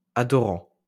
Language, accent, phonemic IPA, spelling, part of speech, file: French, France, /a.dɔ.ʁɑ̃/, adorant, verb, LL-Q150 (fra)-adorant.wav
- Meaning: present participle of adorer